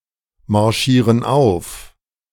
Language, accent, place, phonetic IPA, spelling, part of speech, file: German, Germany, Berlin, [maʁˌʃiːʁən ˈaʊ̯f], marschieren auf, verb, De-marschieren auf.ogg
- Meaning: inflection of aufmarschieren: 1. first/third-person plural present 2. first/third-person plural subjunctive I